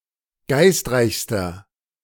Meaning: inflection of geistreich: 1. strong/mixed nominative masculine singular superlative degree 2. strong genitive/dative feminine singular superlative degree 3. strong genitive plural superlative degree
- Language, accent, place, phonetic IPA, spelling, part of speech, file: German, Germany, Berlin, [ˈɡaɪ̯stˌʁaɪ̯çstɐ], geistreichster, adjective, De-geistreichster.ogg